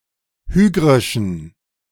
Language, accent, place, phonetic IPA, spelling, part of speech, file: German, Germany, Berlin, [ˈhyːɡʁɪʃn̩], hygrischen, adjective, De-hygrischen.ogg
- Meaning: inflection of hygrisch: 1. strong genitive masculine/neuter singular 2. weak/mixed genitive/dative all-gender singular 3. strong/weak/mixed accusative masculine singular 4. strong dative plural